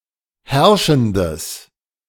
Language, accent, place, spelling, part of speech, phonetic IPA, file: German, Germany, Berlin, herrschendes, adjective, [ˈhɛʁʃn̩dəs], De-herrschendes.ogg
- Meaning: strong/mixed nominative/accusative neuter singular of herrschend